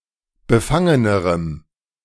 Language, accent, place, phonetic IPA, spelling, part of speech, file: German, Germany, Berlin, [bəˈfaŋənəʁəm], befangenerem, adjective, De-befangenerem.ogg
- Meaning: strong dative masculine/neuter singular comparative degree of befangen